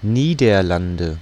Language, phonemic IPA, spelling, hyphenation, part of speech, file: German, /ˈniːdɐˌlandə/, Niederlande, Nie‧der‧lan‧de, proper noun, De-Niederlande.ogg
- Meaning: Netherlands (the main constituent country of the Kingdom of the Netherlands, located primarily in Western Europe bordering Germany and Belgium)